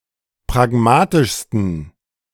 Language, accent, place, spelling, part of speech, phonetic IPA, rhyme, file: German, Germany, Berlin, pragmatischsten, adjective, [pʁaˈɡmaːtɪʃstn̩], -aːtɪʃstn̩, De-pragmatischsten.ogg
- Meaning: 1. superlative degree of pragmatisch 2. inflection of pragmatisch: strong genitive masculine/neuter singular superlative degree